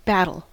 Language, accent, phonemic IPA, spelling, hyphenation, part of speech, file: English, US, /ˈbætl̩/, battle, bat‧tle, noun / verb / adjective, En-us-battle.ogg
- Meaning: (noun) 1. A contest, a struggle 2. A contest, a struggle.: A one-on-one competition in rapping or breakdance